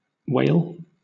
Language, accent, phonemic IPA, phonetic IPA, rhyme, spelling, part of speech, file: English, Southern England, /ˈweɪl/, [ˈweɪɫ], -eɪl, wale, noun / verb, LL-Q1860 (eng)-wale.wav
- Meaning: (noun) 1. A ridge or low barrier 2. A raised rib in knitted goods or fabric, especially corduroy 3. The texture of a piece of fabric